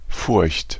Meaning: fear; fright; anxiety
- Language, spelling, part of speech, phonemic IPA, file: German, Furcht, noun, /fʊrçt/, De-Furcht.ogg